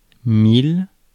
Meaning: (numeral) thousand, one thousand, a thousand; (noun) 1. mile (abbreviation mi) 2. short for mille nautique (“nautical mile”) 3. bullseye
- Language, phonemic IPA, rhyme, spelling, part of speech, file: French, /mil/, -il, mille, numeral / noun, Fr-mille.ogg